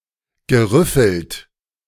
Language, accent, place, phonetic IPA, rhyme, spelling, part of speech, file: German, Germany, Berlin, [ɡəˈʁʏfl̩t], -ʏfl̩t, gerüffelt, verb, De-gerüffelt.ogg
- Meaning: past participle of rüffeln